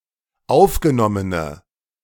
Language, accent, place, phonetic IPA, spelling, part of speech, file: German, Germany, Berlin, [ˈaʊ̯fɡəˌnɔmənə], aufgenommene, adjective, De-aufgenommene.ogg
- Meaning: inflection of aufgenommen: 1. strong/mixed nominative/accusative feminine singular 2. strong nominative/accusative plural 3. weak nominative all-gender singular